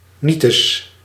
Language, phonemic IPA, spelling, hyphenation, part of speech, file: Dutch, /ˈnitəs/, nietes, nie‧tes, interjection, Nl-nietes.ogg
- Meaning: used to contradict a positive assertion